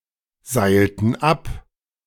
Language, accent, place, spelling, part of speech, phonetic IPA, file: German, Germany, Berlin, seilten ab, verb, [ˌzaɪ̯ltn̩ ˈap], De-seilten ab.ogg
- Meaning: inflection of abseilen: 1. first/third-person plural preterite 2. first/third-person plural subjunctive II